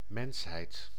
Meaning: 1. humanity, mankind (totality of humans, all members of the genus Homo) 2. humanity, human nature, the state of being human
- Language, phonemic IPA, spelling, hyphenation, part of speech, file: Dutch, /ˈmɛns.ɦɛi̯t/, mensheid, mens‧heid, noun, Nl-mensheid.ogg